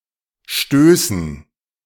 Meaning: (proper noun) a town in Saxony-Anhalt, Germany; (noun) dative plural of Stoß
- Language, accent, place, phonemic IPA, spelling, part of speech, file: German, Germany, Berlin, /ˈʃtøːsn̩/, Stößen, proper noun / noun, De-Stößen.ogg